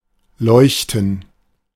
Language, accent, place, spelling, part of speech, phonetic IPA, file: German, Germany, Berlin, leuchten, verb, [ˈlɔʏ̯ç.tn̩], De-leuchten.ogg
- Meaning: to shine